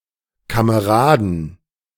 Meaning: 1. genitive singular of Kamerad 2. plural of Kamerad
- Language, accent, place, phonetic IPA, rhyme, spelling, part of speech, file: German, Germany, Berlin, [kaməˈʁaːdn̩], -aːdn̩, Kameraden, noun, De-Kameraden.ogg